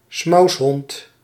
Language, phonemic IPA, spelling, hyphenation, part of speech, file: Dutch, /ˈsmɑu̯s.ɦɔnt/, smoushond, smous‧hond, noun, Nl-smoushond.ogg
- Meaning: synonym of smous (“Dutch dog-breed”)